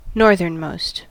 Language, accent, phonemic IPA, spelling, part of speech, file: English, US, /ˈnɔɹ.ðɚnˌmoʊst/, northernmost, adjective, En-us-northernmost.ogg
- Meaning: Farthest north